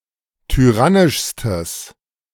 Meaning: strong/mixed nominative/accusative neuter singular superlative degree of tyrannisch
- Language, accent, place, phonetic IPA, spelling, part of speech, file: German, Germany, Berlin, [tyˈʁanɪʃstəs], tyrannischstes, adjective, De-tyrannischstes.ogg